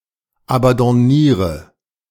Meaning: inflection of abandonnieren: 1. first-person singular present 2. singular imperative 3. first/third-person singular subjunctive I
- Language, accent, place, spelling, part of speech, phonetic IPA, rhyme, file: German, Germany, Berlin, abandonniere, verb, [abɑ̃dɔˈniːʁə], -iːʁə, De-abandonniere.ogg